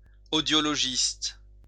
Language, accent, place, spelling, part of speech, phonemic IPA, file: French, France, Lyon, audiologiste, noun, /o.djɔ.lɔ.ʒist/, LL-Q150 (fra)-audiologiste.wav
- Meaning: audiologist